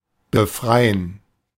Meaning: 1. to free (make free), to liberate 2. to escape
- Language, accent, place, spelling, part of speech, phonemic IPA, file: German, Germany, Berlin, befreien, verb, /bəˈfʁaɪ̯ən/, De-befreien.ogg